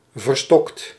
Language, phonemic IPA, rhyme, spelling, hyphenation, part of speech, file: Dutch, /vərˈstɔkt/, -ɔkt, verstokt, ver‧stokt, adjective, Nl-verstokt.ogg
- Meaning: staunch, inveterate, die-hard